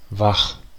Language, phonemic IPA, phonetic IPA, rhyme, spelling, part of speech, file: German, /vax/, [vaχ], -ax, wach, adjective, De-wach.ogg
- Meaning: awake